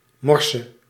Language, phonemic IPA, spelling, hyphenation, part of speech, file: Dutch, /ˈmɔrsə/, morse, mor‧se, noun / verb, Nl-morse.ogg
- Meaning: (noun) clipping of morsecode; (verb) singular present subjunctive of morsen